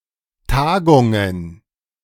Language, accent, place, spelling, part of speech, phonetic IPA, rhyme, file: German, Germany, Berlin, Tagungen, noun, [ˈtaːɡʊŋən], -aːɡʊŋən, De-Tagungen.ogg
- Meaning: plural of Tagung